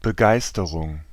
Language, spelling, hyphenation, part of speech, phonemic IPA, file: German, Begeisterung, Be‧geis‧te‧rung, noun, /bəˈɡaɪ̯stəʁʊŋ/, De-Begeisterung.ogg
- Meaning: 1. enthusiasm, zeal, zest 2. rapture, ecstasy (not in the theological sense)